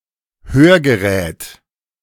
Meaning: hearing aid
- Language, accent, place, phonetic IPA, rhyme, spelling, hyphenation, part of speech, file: German, Germany, Berlin, [ˈhøːɐ̯ɡəˌʁɛːt], -ɛːt, Hörgerät, Hör‧ge‧rät, noun, De-Hörgerät.ogg